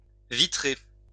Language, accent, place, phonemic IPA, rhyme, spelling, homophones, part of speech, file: French, France, Lyon, /vi.tʁe/, -e, vitrer, vitrai / vitré / vitrée / vitrées / vitrés / vitrez, verb, LL-Q150 (fra)-vitrer.wav
- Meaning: to glaze, fit with glass, install a glass pane in